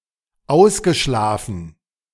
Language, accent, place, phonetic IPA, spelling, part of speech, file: German, Germany, Berlin, [ˈaʊ̯sɡəˌʃlaːfn̩], ausgeschlafen, verb, De-ausgeschlafen.ogg
- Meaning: well rested, caught-up on sleep